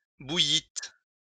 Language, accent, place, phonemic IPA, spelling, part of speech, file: French, France, Lyon, /bu.jit/, bouillîtes, verb, LL-Q150 (fra)-bouillîtes.wav
- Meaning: second-person plural past historic of bouillir